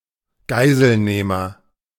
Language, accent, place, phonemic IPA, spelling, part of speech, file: German, Germany, Berlin, /ˈɡaɪ̯zəlˌneːmɐ/, Geiselnehmer, noun, De-Geiselnehmer.ogg
- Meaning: hostage-taker, kidnapper, captor